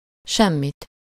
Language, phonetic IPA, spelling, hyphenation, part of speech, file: Hungarian, [ˈʃɛmːit], semmit, sem‧mit, pronoun, Hu-semmit.ogg
- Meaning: accusative singular of semmi